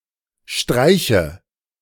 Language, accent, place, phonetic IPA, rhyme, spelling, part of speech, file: German, Germany, Berlin, [ˈʃtʁaɪ̯çə], -aɪ̯çə, streiche, verb, De-streiche.ogg
- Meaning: inflection of streichen: 1. first-person singular present 2. first/third-person singular subjunctive I 3. singular imperative